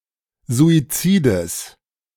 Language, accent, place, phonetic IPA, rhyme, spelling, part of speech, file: German, Germany, Berlin, [zuiˈt͡siːdəs], -iːdəs, Suizides, noun, De-Suizides.ogg
- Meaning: genitive singular of Suizid